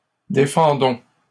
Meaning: inflection of défendre: 1. first-person plural present indicative 2. first-person plural imperative
- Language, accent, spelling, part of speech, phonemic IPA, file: French, Canada, défendons, verb, /de.fɑ̃.dɔ̃/, LL-Q150 (fra)-défendons.wav